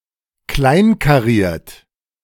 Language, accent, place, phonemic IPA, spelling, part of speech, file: German, Germany, Berlin, /ˈklaɪ̯ŋkaˌʁiːɐ̯t/, kleinkariert, adjective, De-kleinkariert.ogg
- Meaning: 1. gingham (having small checks) 2. narrow-minded 3. exhibiting an obsessive tendency, figuratively OCD